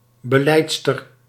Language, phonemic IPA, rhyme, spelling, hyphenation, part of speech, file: Dutch, /bəˈlɛi̯t.stər/, -ɛi̯tstər, belijdster, be‧lijd‧ster, noun, Nl-belijdster.ogg
- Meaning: female confessor